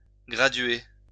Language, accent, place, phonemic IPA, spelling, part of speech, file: French, France, Lyon, /ɡʁa.dɥe/, graduer, verb, LL-Q150 (fra)-graduer.wav
- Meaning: to graduate